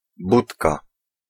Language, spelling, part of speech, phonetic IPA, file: Polish, budka, noun, [ˈbutka], Pl-budka.ogg